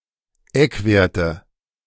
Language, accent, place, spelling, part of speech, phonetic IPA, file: German, Germany, Berlin, Eckwerte, noun, [ˈɛkˌveːɐ̯tə], De-Eckwerte.ogg
- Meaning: nominative/accusative/genitive plural of Eckwert